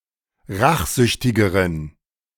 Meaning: inflection of rachsüchtig: 1. strong genitive masculine/neuter singular comparative degree 2. weak/mixed genitive/dative all-gender singular comparative degree
- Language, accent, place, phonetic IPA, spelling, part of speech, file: German, Germany, Berlin, [ˈʁaxˌzʏçtɪɡəʁən], rachsüchtigeren, adjective, De-rachsüchtigeren.ogg